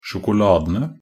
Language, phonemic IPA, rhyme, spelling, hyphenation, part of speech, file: Norwegian Bokmål, /ʃʊkʊˈlɑːdənə/, -ənə, sjokoladene, sjo‧ko‧la‧de‧ne, noun, Nb-sjokoladene.ogg
- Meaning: definite plural of sjokolade